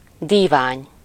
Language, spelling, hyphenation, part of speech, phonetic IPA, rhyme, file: Hungarian, dívány, dí‧vány, noun, [ˈdiːvaːɲ], -aːɲ, Hu-dívány.ogg
- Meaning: divan, couch, sofa